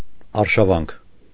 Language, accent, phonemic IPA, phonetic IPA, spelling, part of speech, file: Armenian, Eastern Armenian, /ɑɾʃɑˈvɑnkʰ/, [ɑɾʃɑvɑ́ŋkʰ], արշավանք, noun, Hy-արշավանք.ogg
- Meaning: 1. invasion, incursion, raid 2. campaign